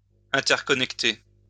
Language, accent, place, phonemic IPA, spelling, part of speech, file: French, France, Lyon, /ɛ̃.tɛʁ.kɔ.nɛk.te/, interconnecter, verb, LL-Q150 (fra)-interconnecter.wav
- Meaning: to interconnect (to connect to one another)